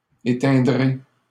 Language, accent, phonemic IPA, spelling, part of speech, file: French, Canada, /e.tɛ̃.dʁe/, éteindrez, verb, LL-Q150 (fra)-éteindrez.wav
- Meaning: second-person plural future of éteindre